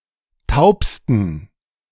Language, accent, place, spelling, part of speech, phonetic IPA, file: German, Germany, Berlin, taubsten, adjective, [ˈtaʊ̯pstn̩], De-taubsten.ogg
- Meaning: 1. superlative degree of taub 2. inflection of taub: strong genitive masculine/neuter singular superlative degree